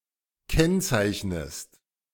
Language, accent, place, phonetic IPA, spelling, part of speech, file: German, Germany, Berlin, [ˈkɛnt͡saɪ̯çnəst], kennzeichnest, verb, De-kennzeichnest.ogg
- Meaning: inflection of kennzeichnen: 1. second-person singular present 2. second-person singular subjunctive I